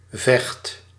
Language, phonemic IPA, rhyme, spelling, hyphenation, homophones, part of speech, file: Dutch, /vɛxt/, -ɛxt, Vecht, Vecht, vecht, proper noun, Nl-Vecht.ogg
- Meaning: 1. a river in Utrecht, Netherlands 2. a river in Overijssel, Netherlands